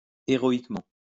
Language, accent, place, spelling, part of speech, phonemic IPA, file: French, France, Lyon, héroïquement, adverb, /e.ʁɔ.ik.mɑ̃/, LL-Q150 (fra)-héroïquement.wav
- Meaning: heroically